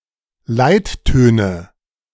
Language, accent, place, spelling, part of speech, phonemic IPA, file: German, Germany, Berlin, Leittöne, noun, /ˈlaɪ̯t.tøːnə/, De-Leittöne.ogg
- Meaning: nominative/accusative/genitive plural of Leitton